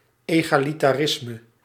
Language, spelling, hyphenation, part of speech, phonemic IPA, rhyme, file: Dutch, egalitarisme, ega‧li‧ta‧ris‧me, noun, /ˌeː.ɣaː.li.taːˈrɪs.mə/, -ɪsmə, Nl-egalitarisme.ogg
- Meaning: egalitarianism